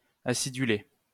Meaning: to acidulate; make slightly (more) acidic
- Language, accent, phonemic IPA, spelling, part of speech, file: French, France, /a.si.dy.le/, aciduler, verb, LL-Q150 (fra)-aciduler.wav